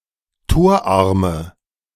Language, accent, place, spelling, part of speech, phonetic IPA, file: German, Germany, Berlin, torarme, adjective, [ˈtoːɐ̯ˌʔaʁmə], De-torarme.ogg
- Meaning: inflection of torarm: 1. strong/mixed nominative/accusative feminine singular 2. strong nominative/accusative plural 3. weak nominative all-gender singular 4. weak accusative feminine/neuter singular